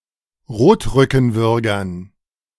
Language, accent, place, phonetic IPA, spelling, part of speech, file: German, Germany, Berlin, [ˈʁoːtʁʏkn̩ˌvʏʁɡɐn], Rotrückenwürgern, noun, De-Rotrückenwürgern.ogg
- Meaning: dative plural of Rotrückenwürger